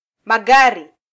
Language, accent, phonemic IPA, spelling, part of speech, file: Swahili, Kenya, /mɑˈɠɑ.ɾi/, magari, noun, Sw-ke-magari.flac
- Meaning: plural of gari